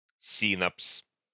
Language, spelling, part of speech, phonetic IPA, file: Russian, синапс, noun, [ˈsʲinəps], Ru-синапс.ogg
- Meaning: synapse (junction between neurons)